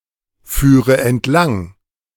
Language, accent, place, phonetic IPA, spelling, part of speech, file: German, Germany, Berlin, [ˌfyːʁə ɛntˈlaŋ], führe entlang, verb, De-führe entlang.ogg
- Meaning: first/third-person singular subjunctive II of entlangfahren